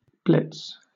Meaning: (noun) 1. A sudden attack, especially an air raid; usually with reference to the Blitz 2. A swift and overwhelming attack or effort
- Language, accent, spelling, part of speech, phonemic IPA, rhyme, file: English, Southern England, blitz, noun / verb, /blɪts/, -ɪts, LL-Q1860 (eng)-blitz.wav